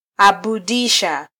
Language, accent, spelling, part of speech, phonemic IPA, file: Swahili, Kenya, abudisha, verb, /ɑ.ɓuˈɗi.ʃɑ/, Sw-ke-abudisha.flac
- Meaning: Causative form of -abudu